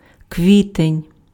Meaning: April
- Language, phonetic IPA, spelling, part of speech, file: Ukrainian, [ˈkʋʲitenʲ], квітень, noun, Uk-квітень.ogg